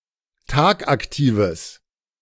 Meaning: strong/mixed nominative/accusative neuter singular of tagaktiv
- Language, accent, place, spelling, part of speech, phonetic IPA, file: German, Germany, Berlin, tagaktives, adjective, [ˈtaːkʔakˌtiːvəs], De-tagaktives.ogg